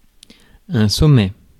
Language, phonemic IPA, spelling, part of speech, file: French, /sɔ.mɛ/, sommet, noun, Fr-sommet.ogg
- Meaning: 1. summit, peak 2. summit (a conference of leaders) 3. vertex (point on a curve with a local minimum or maximum of curvature) 4. vertex, node